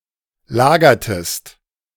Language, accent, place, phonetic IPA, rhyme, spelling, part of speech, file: German, Germany, Berlin, [ˈlaːɡɐtəst], -aːɡɐtəst, lagertest, verb, De-lagertest.ogg
- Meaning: inflection of lagern: 1. second-person singular preterite 2. second-person singular subjunctive II